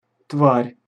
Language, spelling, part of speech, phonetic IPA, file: Russian, тварь, noun, [tvarʲ], Ru-тварь.ogg
- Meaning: 1. creature, being, animal, beast, monster 2. someone mean, vile, worthless